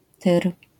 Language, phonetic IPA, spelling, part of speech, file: Polish, [tɨr], Tyr, proper noun, LL-Q809 (pol)-Tyr.wav